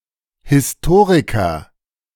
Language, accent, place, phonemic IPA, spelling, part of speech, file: German, Germany, Berlin, /hɪsˈtoːʁikɐ/, Historiker, noun, De-Historiker.ogg
- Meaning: historian (writer of history; a chronicler)